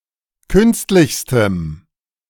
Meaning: strong dative masculine/neuter singular superlative degree of künstlich
- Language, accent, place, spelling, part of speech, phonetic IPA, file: German, Germany, Berlin, künstlichstem, adjective, [ˈkʏnstlɪçstəm], De-künstlichstem.ogg